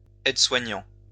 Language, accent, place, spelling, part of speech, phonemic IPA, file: French, France, Lyon, aide-soignant, noun, /ɛd.swa.ɲɑ̃/, LL-Q150 (fra)-aide-soignant.wav
- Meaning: nursing auxiliary (UK), nurse's aide (US)